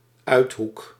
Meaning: backwater (a remote, isolated place that is perceived as primitive, godforsaken and backward)
- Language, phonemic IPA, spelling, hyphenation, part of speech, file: Dutch, /ˈœy̯t.ɦuk/, uithoek, uit‧hoek, noun, Nl-uithoek.ogg